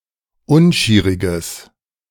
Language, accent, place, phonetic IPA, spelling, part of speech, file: German, Germany, Berlin, [ˈʊnˌʃiːʁɪɡəs], unschieriges, adjective, De-unschieriges.ogg
- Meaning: strong/mixed nominative/accusative neuter singular of unschierig